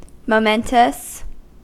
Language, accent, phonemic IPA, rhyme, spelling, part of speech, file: English, US, /moʊˈmɛn.təs/, -ɛntəs, momentous, adjective, En-us-momentous.ogg
- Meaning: Outstanding in importance, of great consequence